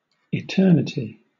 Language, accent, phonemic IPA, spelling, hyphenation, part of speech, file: English, Southern England, /ɪˈtɜːnɪti/, eternity, etern‧i‧ty, noun, LL-Q1860 (eng)-eternity.wav
- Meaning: 1. Existence without end, infinite time 2. Existence outside of time 3. A period of time which extends infinitely far into the future 4. The remainder of time that elapses after death